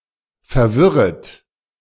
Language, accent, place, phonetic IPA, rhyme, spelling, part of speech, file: German, Germany, Berlin, [fɛɐ̯ˈvɪʁət], -ɪʁət, verwirret, verb, De-verwirret.ogg
- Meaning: second-person plural subjunctive I of verwirren